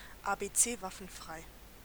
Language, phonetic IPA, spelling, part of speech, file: German, [ˌaːˌbeːˈtseːˌvafənˌfʀaɪ̯], ABC-Waffen-frei, adjective, De-ABC-Waffen-frei.ogg
- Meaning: NBC-weapons-free